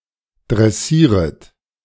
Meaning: second-person plural subjunctive I of dressieren
- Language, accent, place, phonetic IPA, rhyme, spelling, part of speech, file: German, Germany, Berlin, [dʁɛˈsiːʁət], -iːʁət, dressieret, verb, De-dressieret.ogg